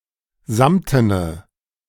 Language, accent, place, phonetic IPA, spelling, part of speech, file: German, Germany, Berlin, [ˈzamtənə], samtene, adjective, De-samtene.ogg
- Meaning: inflection of samten: 1. strong/mixed nominative/accusative feminine singular 2. strong nominative/accusative plural 3. weak nominative all-gender singular 4. weak accusative feminine/neuter singular